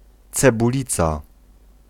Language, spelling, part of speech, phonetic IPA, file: Polish, cebulica, noun, [ˌt͡sɛbuˈlʲit͡sa], Pl-cebulica.ogg